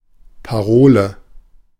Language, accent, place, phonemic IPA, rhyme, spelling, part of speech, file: German, Germany, Berlin, /paˈʁoːlə/, -oːlə, Parole, noun, De-Parole.ogg
- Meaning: 1. password 2. slogan